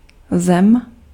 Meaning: 1. earth 2. country (nation state or a political entity)
- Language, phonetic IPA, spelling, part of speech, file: Czech, [ˈzɛm], zem, noun, Cs-zem.ogg